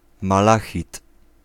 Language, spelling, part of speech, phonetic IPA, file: Polish, malachit, noun, [maˈlaxʲit], Pl-malachit.ogg